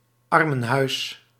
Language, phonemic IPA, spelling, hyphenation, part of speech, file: Dutch, /ˈɑr.mə(n)ˌɦœy̯s/, armenhuis, ar‧men‧huis, noun, Nl-armenhuis.ogg
- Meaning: poorhouse